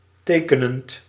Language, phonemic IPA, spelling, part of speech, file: Dutch, /ˈtekənənt/, tekenend, verb / adjective, Nl-tekenend.ogg
- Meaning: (verb) present participle of tekenen; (adjective) characteristic, typical